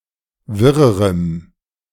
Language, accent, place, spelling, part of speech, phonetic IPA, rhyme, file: German, Germany, Berlin, wirrerem, adjective, [ˈvɪʁəʁəm], -ɪʁəʁəm, De-wirrerem.ogg
- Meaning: strong dative masculine/neuter singular comparative degree of wirr